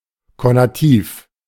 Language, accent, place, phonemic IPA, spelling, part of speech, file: German, Germany, Berlin, /konaˈtiːf/, konativ, adjective, De-konativ.ogg
- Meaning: conative